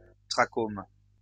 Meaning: trachoma
- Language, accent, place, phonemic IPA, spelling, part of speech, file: French, France, Lyon, /tʁa.kom/, trachome, noun, LL-Q150 (fra)-trachome.wav